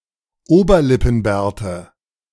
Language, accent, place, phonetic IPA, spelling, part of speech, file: German, Germany, Berlin, [ˈoːbɐlɪpn̩ˌbɛːɐ̯tə], Oberlippenbärte, noun, De-Oberlippenbärte.ogg
- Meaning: nominative/accusative/genitive plural of Oberlippenbart